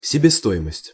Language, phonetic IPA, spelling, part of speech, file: Russian, [sʲɪbʲɪˈstoɪməsʲtʲ], себестоимость, noun, Ru-себестоимость.ogg
- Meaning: prime cost, cost price, net cost